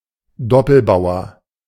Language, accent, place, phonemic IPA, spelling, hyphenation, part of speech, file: German, Germany, Berlin, /ˈdɔpl̩ˌbaʊ̯ɐ/, Doppelbauer, Dop‧pel‧bau‧er, noun, De-Doppelbauer.ogg
- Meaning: doubled pawn